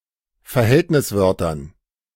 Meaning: dative plural of Verhältniswort
- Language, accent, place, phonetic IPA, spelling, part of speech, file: German, Germany, Berlin, [fɛɐ̯ˈhɛltnɪsˌvœʁtɐn], Verhältniswörtern, noun, De-Verhältniswörtern.ogg